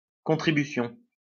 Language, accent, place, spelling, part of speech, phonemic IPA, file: French, France, Lyon, contribution, noun, /kɔ̃.tʁi.by.sjɔ̃/, LL-Q150 (fra)-contribution.wav
- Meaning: 1. contribution 2. contribution: levy or impost